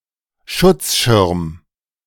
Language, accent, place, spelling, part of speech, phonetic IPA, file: German, Germany, Berlin, Schutzschirm, noun, [ˈʃʊt͡sˌʃɪʁm], De-Schutzschirm.ogg
- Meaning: shield, protective screen, protective umbrella